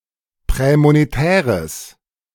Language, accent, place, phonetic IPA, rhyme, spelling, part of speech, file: German, Germany, Berlin, [ˌpʁɛːmoneˈtɛːʁəs], -ɛːʁəs, prämonetäres, adjective, De-prämonetäres.ogg
- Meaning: strong/mixed nominative/accusative neuter singular of prämonetär